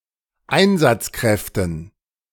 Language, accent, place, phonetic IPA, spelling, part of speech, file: German, Germany, Berlin, [ˈaɪ̯nzat͡sˌkʁɛftn̩], Einsatzkräften, noun, De-Einsatzkräften.ogg
- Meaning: dative plural of Einsatzkraft